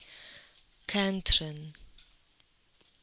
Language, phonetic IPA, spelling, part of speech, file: Polish, [ˈkɛ̃nṭʃɨ̃n], Kętrzyn, proper noun, Pl-Kętrzyn.ogg